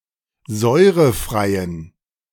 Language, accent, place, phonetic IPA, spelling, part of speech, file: German, Germany, Berlin, [ˈzɔɪ̯ʁəˌfʁaɪ̯ən], säurefreien, adjective, De-säurefreien.ogg
- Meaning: inflection of säurefrei: 1. strong genitive masculine/neuter singular 2. weak/mixed genitive/dative all-gender singular 3. strong/weak/mixed accusative masculine singular 4. strong dative plural